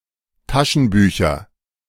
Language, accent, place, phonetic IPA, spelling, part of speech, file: German, Germany, Berlin, [ˈtaʃn̩byːçɐ], Taschenbücher, noun, De-Taschenbücher.ogg
- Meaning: nominative/accusative/genitive plural of Taschenbuch